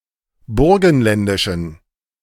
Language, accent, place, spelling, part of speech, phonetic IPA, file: German, Germany, Berlin, burgenländischen, adjective, [ˈbʊʁɡn̩ˌlɛndɪʃn̩], De-burgenländischen.ogg
- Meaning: inflection of burgenländisch: 1. strong genitive masculine/neuter singular 2. weak/mixed genitive/dative all-gender singular 3. strong/weak/mixed accusative masculine singular 4. strong dative plural